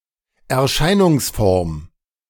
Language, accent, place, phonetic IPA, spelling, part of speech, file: German, Germany, Berlin, [ɛɐ̯ˈʃaɪ̯nʊŋsˌfɔʁm], Erscheinungsform, noun, De-Erscheinungsform.ogg
- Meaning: 1. manifestation, appearance 2. phenotype 3. allotrope